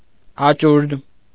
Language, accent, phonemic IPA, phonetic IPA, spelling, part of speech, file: Armenian, Eastern Armenian, /ɑˈt͡ʃuɾtʰ/, [ɑt͡ʃúɾtʰ], աճուրդ, noun, Hy-աճուրդ.ogg
- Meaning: auction